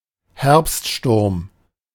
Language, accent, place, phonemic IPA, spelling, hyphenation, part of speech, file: German, Germany, Berlin, /ˈhɛʁpstˌʃtʊʁm/, Herbststurm, Herbst‧sturm, noun, De-Herbststurm.ogg
- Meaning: autumn storm